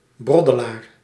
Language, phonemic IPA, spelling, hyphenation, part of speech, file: Dutch, /ˈbrɔ.dəˌlaːr/, broddelaar, brod‧de‧laar, noun, Nl-broddelaar.ogg
- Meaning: bumbler, bungler